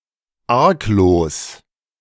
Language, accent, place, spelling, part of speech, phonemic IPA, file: German, Germany, Berlin, arglos, adjective, /ˈaʁkloːs/, De-arglos.ogg
- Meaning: 1. innocent, unsuspecting, artless (not suspecting trouble) 2. harmless, trustworthy (without bad intentions)